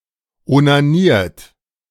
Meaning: 1. past participle of onanieren 2. inflection of onanieren: third-person singular present 3. inflection of onanieren: second-person plural present 4. inflection of onanieren: plural imperative
- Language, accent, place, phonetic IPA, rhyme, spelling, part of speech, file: German, Germany, Berlin, [onaˈniːɐ̯t], -iːɐ̯t, onaniert, verb, De-onaniert.ogg